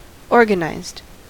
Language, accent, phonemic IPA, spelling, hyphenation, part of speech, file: English, General American, /ˈɔɹɡənaɪzd/, organized, or‧gan‧ized, adjective / verb, En-us-organized.ogg
- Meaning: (adjective) 1. Of things or settings, having been organized; in good order 2. Of a person, characterized by efficient organization 3. Unionized; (verb) simple past and past participle of organize